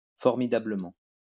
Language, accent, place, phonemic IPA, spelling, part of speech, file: French, France, Lyon, /fɔʁ.mi.da.blə.mɑ̃/, formidablement, adverb, LL-Q150 (fra)-formidablement.wav
- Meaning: 1. brilliantly; excellently 2. formidably